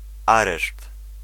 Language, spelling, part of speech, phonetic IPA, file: Polish, areszt, noun, [ˈarɛʃt], Pl-areszt.ogg